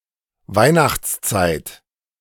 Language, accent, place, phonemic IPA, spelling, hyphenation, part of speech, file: German, Germany, Berlin, /ˈvaɪ̯naxt͡sˌt͡saɪ̯t/, Weihnachtszeit, Weih‧nachts‧zeit, noun, De-Weihnachtszeit.ogg